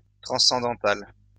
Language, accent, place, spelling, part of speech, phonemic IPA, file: French, France, Lyon, transcendantal, adjective, /tʁɑ̃.sɑ̃.dɑ̃.tal/, LL-Q150 (fra)-transcendantal.wav
- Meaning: transcendental